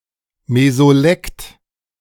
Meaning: mesolect
- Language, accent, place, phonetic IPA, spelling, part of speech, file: German, Germany, Berlin, [mezoˈlɛkt], Mesolekt, noun, De-Mesolekt.ogg